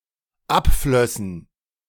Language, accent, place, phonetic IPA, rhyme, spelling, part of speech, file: German, Germany, Berlin, [ˈapˌflœsn̩], -apflœsn̩, abflössen, verb, De-abflössen.ogg
- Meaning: first/third-person plural dependent subjunctive II of abfließen